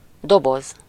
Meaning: 1. box (rectangular container) 2. beverage can
- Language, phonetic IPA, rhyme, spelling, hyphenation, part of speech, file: Hungarian, [ˈdoboz], -oz, doboz, do‧boz, noun, Hu-doboz.ogg